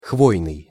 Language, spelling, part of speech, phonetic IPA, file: Russian, хвойный, adjective, [ˈxvojnɨj], Ru-хвойный.ogg
- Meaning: coniferous